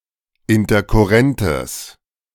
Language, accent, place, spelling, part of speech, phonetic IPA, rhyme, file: German, Germany, Berlin, interkurrentes, adjective, [ɪntɐkʊˈʁɛntəs], -ɛntəs, De-interkurrentes.ogg
- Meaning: strong/mixed nominative/accusative neuter singular of interkurrent